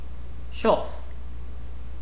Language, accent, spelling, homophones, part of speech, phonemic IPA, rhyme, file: English, UK, chough, chuff, noun, /t͡ʃʌf/, -ʌf, En-uk-chough.oga
- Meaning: Either of two species of bird of the genus Pyrrhocorax in the crow family Corvidae that breed mainly in high mountains and on coastal sea cliffs of Eurasia